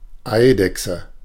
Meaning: 1. A small lizard, especially of the Lacertidae family 2. Lacerta (astronomical constellation)
- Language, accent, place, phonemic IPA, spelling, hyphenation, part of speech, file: German, Germany, Berlin, /ˈaɪ̯dɛksə/, Eidechse, Ei‧dech‧se, noun, De-Eidechse.ogg